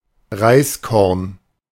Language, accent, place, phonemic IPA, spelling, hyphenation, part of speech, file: German, Germany, Berlin, /ˈʁaɪ̯sˌkɔʁn/, Reiskorn, Reis‧korn, noun, De-Reiskorn.ogg
- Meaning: grain of rice